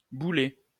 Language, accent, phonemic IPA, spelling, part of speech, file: French, France, /bu.lɛ/, boulaie, noun, LL-Q150 (fra)-boulaie.wav
- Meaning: birch orchard